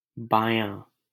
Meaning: left (side)
- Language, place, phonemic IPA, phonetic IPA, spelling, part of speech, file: Hindi, Delhi, /bɑː.jɑ̃ː/, [bäː.jä̃ː], बायाँ, adjective, LL-Q1568 (hin)-बायाँ.wav